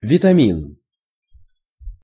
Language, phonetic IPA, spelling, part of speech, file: Russian, [vʲɪtɐˈmʲin], витамин, noun, Ru-витамин.ogg
- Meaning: vitamin